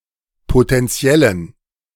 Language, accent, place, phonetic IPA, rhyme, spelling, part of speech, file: German, Germany, Berlin, [potɛnˈt͡si̯ɛlən], -ɛlən, potentiellen, adjective, De-potentiellen.ogg
- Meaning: inflection of potentiell: 1. strong genitive masculine/neuter singular 2. weak/mixed genitive/dative all-gender singular 3. strong/weak/mixed accusative masculine singular 4. strong dative plural